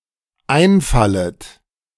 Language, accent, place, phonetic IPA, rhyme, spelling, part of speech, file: German, Germany, Berlin, [ˈaɪ̯nˌfalət], -aɪ̯nfalət, einfallet, verb, De-einfallet.ogg
- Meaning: second-person plural dependent subjunctive I of einfallen